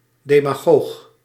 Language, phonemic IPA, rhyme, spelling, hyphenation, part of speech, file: Dutch, /ˌdeː.maːˈɣoːx/, -oːx, demagoog, de‧ma‧goog, noun, Nl-demagoog.ogg
- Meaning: a demagogue